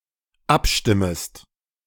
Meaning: second-person singular dependent subjunctive I of abstimmen
- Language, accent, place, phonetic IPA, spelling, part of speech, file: German, Germany, Berlin, [ˈapˌʃtɪməst], abstimmest, verb, De-abstimmest.ogg